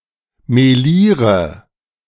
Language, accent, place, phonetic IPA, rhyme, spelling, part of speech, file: German, Germany, Berlin, [meˈliːʁə], -iːʁə, meliere, verb, De-meliere.ogg
- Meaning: inflection of melieren: 1. first-person singular present 2. singular imperative 3. first/third-person singular subjunctive I